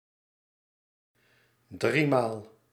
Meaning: thrice, three times
- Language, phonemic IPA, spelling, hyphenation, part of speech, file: Dutch, /ˈdri.maːl/, driemaal, drie‧maal, adverb, Nl-driemaal.ogg